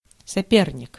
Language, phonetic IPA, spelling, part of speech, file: Russian, [sɐˈpʲernʲɪk], соперник, noun, Ru-соперник.ogg
- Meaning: 1. rival, adversary, opponent 2. antagonist